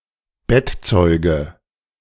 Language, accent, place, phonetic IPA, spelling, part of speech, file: German, Germany, Berlin, [ˈbɛtˌt͡sɔɪ̯ɡə], Bettzeuge, noun, De-Bettzeuge.ogg
- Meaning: dative singular of Bettzeug